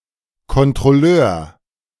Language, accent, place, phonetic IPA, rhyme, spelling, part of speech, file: German, Germany, Berlin, [kɔntʁɔˈløːɐ̯], -øːɐ̯, Kontrolleur, noun, De-Kontrolleur.ogg
- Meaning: inspector